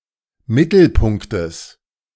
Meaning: genitive singular of Mittelpunkt
- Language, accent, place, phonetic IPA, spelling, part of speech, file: German, Germany, Berlin, [ˈmɪtl̩ˌpʊŋktəs], Mittelpunktes, noun, De-Mittelpunktes.ogg